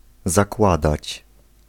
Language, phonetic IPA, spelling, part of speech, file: Polish, [zaˈkwadat͡ɕ], zakładać, verb, Pl-zakładać.ogg